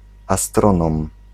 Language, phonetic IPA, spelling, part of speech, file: Polish, [aˈstrɔ̃nɔ̃m], astronom, noun, Pl-astronom.ogg